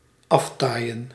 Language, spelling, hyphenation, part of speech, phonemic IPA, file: Dutch, aftaaien, af‧taai‧en, verb, /ˈɑftaːi̯ə(n)/, Nl-aftaaien.ogg
- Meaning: 1. to stop 2. to go away